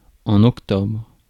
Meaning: October
- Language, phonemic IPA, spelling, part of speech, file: French, /ɔk.tɔbʁ/, octobre, noun, Fr-octobre.ogg